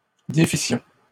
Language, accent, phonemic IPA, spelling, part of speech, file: French, Canada, /de.fi.sjɔ̃/, défissions, verb, LL-Q150 (fra)-défissions.wav
- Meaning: first-person plural imperfect subjunctive of défaire